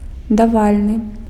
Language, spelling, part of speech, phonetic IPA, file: Belarusian, давальны, adjective, [daˈvalʲnɨ], Be-давальны.ogg
- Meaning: dative